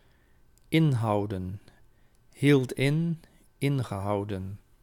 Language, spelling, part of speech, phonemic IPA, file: Dutch, inhouden, verb / noun, /ˈɪnhɑudə(n)/, Nl-inhouden.ogg
- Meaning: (verb) 1. to contain, to encompass, to include 2. to mean, to imply 3. to contain/restrain oneself; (noun) plural of inhoud